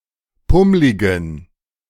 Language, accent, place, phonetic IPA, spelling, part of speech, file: German, Germany, Berlin, [ˈpʊmlɪɡn̩], pummligen, adjective, De-pummligen.ogg
- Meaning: inflection of pummlig: 1. strong genitive masculine/neuter singular 2. weak/mixed genitive/dative all-gender singular 3. strong/weak/mixed accusative masculine singular 4. strong dative plural